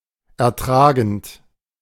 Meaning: present participle of ertragen
- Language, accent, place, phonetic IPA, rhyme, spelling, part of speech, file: German, Germany, Berlin, [ɛɐ̯ˈtʁaːɡn̩t], -aːɡn̩t, ertragend, verb, De-ertragend.ogg